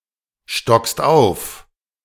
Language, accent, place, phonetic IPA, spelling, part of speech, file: German, Germany, Berlin, [ˌʃtɔkst ˈaʊ̯f], stockst auf, verb, De-stockst auf.ogg
- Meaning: second-person singular present of aufstocken